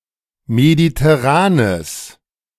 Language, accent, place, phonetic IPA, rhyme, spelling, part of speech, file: German, Germany, Berlin, [meditɛˈʁaːnəs], -aːnəs, mediterranes, adjective, De-mediterranes.ogg
- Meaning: strong/mixed nominative/accusative neuter singular of mediterran